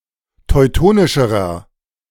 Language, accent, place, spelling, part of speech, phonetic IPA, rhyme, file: German, Germany, Berlin, teutonischerer, adjective, [tɔɪ̯ˈtoːnɪʃəʁɐ], -oːnɪʃəʁɐ, De-teutonischerer.ogg
- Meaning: inflection of teutonisch: 1. strong/mixed nominative masculine singular comparative degree 2. strong genitive/dative feminine singular comparative degree 3. strong genitive plural comparative degree